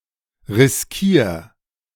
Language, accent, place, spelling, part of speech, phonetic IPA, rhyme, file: German, Germany, Berlin, riskier, verb, [ʁɪsˈkiːɐ̯], -iːɐ̯, De-riskier.ogg
- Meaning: 1. singular imperative of riskieren 2. first-person singular present of riskieren